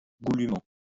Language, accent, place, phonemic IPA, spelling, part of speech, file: French, France, Lyon, /ɡu.ly.mɑ̃/, goulûment, adverb, LL-Q150 (fra)-goulûment.wav
- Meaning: alternative form of goulument